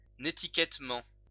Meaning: with netiquette
- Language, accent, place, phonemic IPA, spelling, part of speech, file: French, France, Lyon, /ne.ti.kɛt.mɑ̃/, nétiquettement, adverb, LL-Q150 (fra)-nétiquettement.wav